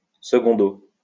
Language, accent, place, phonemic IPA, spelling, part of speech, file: French, France, Lyon, /sə.ɡɔ̃.do/, 2o, adverb, LL-Q150 (fra)-2o.wav
- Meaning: 2nd (abbreviation of secundo)